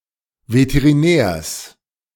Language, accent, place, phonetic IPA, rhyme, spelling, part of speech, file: German, Germany, Berlin, [vetəʁiˈnɛːɐ̯s], -ɛːɐ̯s, Veterinärs, noun, De-Veterinärs.ogg
- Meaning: genitive singular of Veterinär